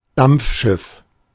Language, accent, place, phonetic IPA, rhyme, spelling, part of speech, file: German, Germany, Berlin, [ˈdamp͡fˌʃɪf], -amp͡fʃɪf, Dampfschiff, noun, De-Dampfschiff.ogg
- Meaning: steamboat, steamship